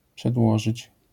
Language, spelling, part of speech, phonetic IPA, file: Polish, przedłożyć, verb, [pʃɛdˈwɔʒɨt͡ɕ], LL-Q809 (pol)-przedłożyć.wav